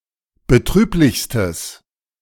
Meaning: strong/mixed nominative/accusative neuter singular superlative degree of betrüblich
- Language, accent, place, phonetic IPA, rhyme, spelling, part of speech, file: German, Germany, Berlin, [bəˈtʁyːplɪçstəs], -yːplɪçstəs, betrüblichstes, adjective, De-betrüblichstes.ogg